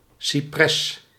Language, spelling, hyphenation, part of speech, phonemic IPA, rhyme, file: Dutch, cipres, ci‧pres, noun, /siˈprɛs/, -ɛs, Nl-cipres.ogg
- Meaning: cypress